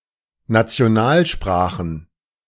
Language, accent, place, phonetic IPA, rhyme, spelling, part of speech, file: German, Germany, Berlin, [ˌnat͡si̯oˈnaːlˌʃpʁaːxn̩], -aːlʃpʁaːxn̩, Nationalsprachen, noun, De-Nationalsprachen.ogg
- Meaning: plural of Nationalsprache